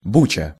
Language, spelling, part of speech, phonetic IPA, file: Russian, буча, noun, [ˈbut͡ɕə], Ru-буча.ogg
- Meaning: turmoil, commotion, disturbance